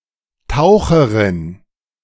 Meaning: female equivalent of Taucher
- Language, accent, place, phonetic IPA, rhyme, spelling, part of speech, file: German, Germany, Berlin, [ˈtaʊ̯xəʁɪn], -aʊ̯xəʁɪn, Taucherin, noun, De-Taucherin.ogg